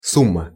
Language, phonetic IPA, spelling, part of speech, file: Russian, [ˈsumːə], сумма, noun, Ru-сумма.ogg
- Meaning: sum (quantity obtained by addition or aggregation)